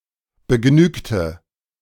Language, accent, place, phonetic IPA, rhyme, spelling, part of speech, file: German, Germany, Berlin, [bəˈɡnyːktə], -yːktə, begnügte, adjective / verb, De-begnügte.ogg
- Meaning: inflection of begnügen: 1. first/third-person singular preterite 2. first/third-person singular subjunctive II